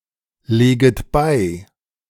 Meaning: second-person plural subjunctive I of beilegen
- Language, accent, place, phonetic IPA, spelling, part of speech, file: German, Germany, Berlin, [ˌleːɡət ˈbaɪ̯], leget bei, verb, De-leget bei.ogg